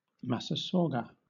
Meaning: The rattlesnake Sistrurus catenatus (formerly Crotalinus catenatus) in the family Viperidae, found in three subspecies
- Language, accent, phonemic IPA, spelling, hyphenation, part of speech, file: English, Southern England, /ˌmasəˈsɔːɡə/, massasauga, mas‧sa‧sau‧ga, noun, LL-Q1860 (eng)-massasauga.wav